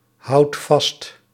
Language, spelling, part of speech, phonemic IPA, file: Dutch, houdt vast, verb, /ˈhɑut ˈvɑst/, Nl-houdt vast.ogg
- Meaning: inflection of vasthouden: 1. second/third-person singular present indicative 2. plural imperative